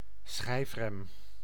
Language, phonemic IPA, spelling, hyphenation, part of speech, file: Dutch, /ˈsxɛi̯f.rɛm/, schijfrem, schijf‧rem, noun, Nl-schijfrem.ogg
- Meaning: disc brake